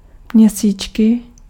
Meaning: period, menstrual period, monthly
- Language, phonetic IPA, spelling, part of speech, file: Czech, [ˈmɲɛsiːt͡ʃkɪ], měsíčky, noun, Cs-měsíčky.ogg